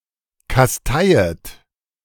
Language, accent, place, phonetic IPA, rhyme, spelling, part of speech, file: German, Germany, Berlin, [kasˈtaɪ̯ət], -aɪ̯ət, kasteiet, verb, De-kasteiet.ogg
- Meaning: second-person plural subjunctive I of kasteien